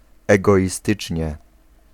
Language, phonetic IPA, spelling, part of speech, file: Polish, [ˌɛɡɔʲiˈstɨt͡ʃʲɲɛ], egoistycznie, adverb, Pl-egoistycznie.ogg